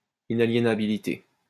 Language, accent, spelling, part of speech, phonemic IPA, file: French, France, inaliénabilité, noun, /i.na.lje.na.bi.li.te/, LL-Q150 (fra)-inaliénabilité.wav
- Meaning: inalienability